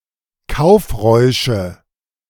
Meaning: nominative/accusative/genitive plural of Kaufrausch
- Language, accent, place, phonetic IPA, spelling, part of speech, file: German, Germany, Berlin, [ˈkaʊ̯fˌʁɔɪ̯ʃə], Kaufräusche, noun, De-Kaufräusche.ogg